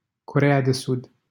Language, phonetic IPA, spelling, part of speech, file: Romanian, [koˈre.e̯a.deˌsud], Coreea de Sud, proper noun, LL-Q7913 (ron)-Coreea de Sud.wav
- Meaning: South Korea (a country in East Asia, comprising the southern part of the Korean Peninsula; official name: Republica Coreea)